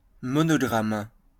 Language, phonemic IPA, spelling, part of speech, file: French, /mɔ.nɔ.ɡʁam/, monogramme, noun, LL-Q150 (fra)-monogramme.wav
- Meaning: a monogram